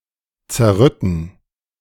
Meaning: to ruin, to disrupt
- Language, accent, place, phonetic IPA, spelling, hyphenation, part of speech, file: German, Germany, Berlin, [t͡sɛɐ̯ˈʁʏtn̩], zerrütten, zer‧rüt‧ten, verb, De-zerrütten.ogg